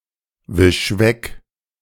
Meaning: 1. singular imperative of wegwischen 2. first-person singular present of wegwischen
- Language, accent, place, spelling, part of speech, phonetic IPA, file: German, Germany, Berlin, wisch weg, verb, [ˌvɪʃ ˈvɛk], De-wisch weg.ogg